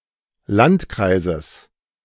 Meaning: genitive singular of Landkreis
- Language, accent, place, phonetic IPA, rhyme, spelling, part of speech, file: German, Germany, Berlin, [ˈlantˌkʁaɪ̯zəs], -antkʁaɪ̯zəs, Landkreises, noun, De-Landkreises.ogg